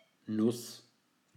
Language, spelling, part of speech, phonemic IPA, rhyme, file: German, Nuss, noun, /nʊs/, -ʊs, De-Nuss.ogg
- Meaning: nut